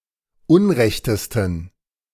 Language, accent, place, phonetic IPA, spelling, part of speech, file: German, Germany, Berlin, [ˈʊnˌʁɛçtəstn̩], unrechtesten, adjective, De-unrechtesten.ogg
- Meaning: 1. superlative degree of unrecht 2. inflection of unrecht: strong genitive masculine/neuter singular superlative degree